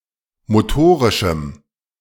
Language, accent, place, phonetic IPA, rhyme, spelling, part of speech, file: German, Germany, Berlin, [moˈtoːʁɪʃm̩], -oːʁɪʃm̩, motorischem, adjective, De-motorischem.ogg
- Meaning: strong dative masculine/neuter singular of motorisch